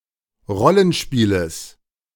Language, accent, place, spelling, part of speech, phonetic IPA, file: German, Germany, Berlin, Rollenspieles, noun, [ˈʁɔlənˌʃpiːləs], De-Rollenspieles.ogg
- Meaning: genitive singular of Rollenspiel